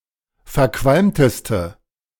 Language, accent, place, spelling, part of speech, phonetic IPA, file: German, Germany, Berlin, verqualmteste, adjective, [fɛɐ̯ˈkvalmtəstə], De-verqualmteste.ogg
- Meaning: inflection of verqualmt: 1. strong/mixed nominative/accusative feminine singular superlative degree 2. strong nominative/accusative plural superlative degree